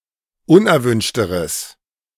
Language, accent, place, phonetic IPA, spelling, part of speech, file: German, Germany, Berlin, [ˈʊnʔɛɐ̯ˌvʏnʃtəʁəs], unerwünschteres, adjective, De-unerwünschteres.ogg
- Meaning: strong/mixed nominative/accusative neuter singular comparative degree of unerwünscht